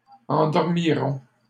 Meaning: third-person plural future of endormir
- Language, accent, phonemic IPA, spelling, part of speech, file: French, Canada, /ɑ̃.dɔʁ.mi.ʁɔ̃/, endormiront, verb, LL-Q150 (fra)-endormiront.wav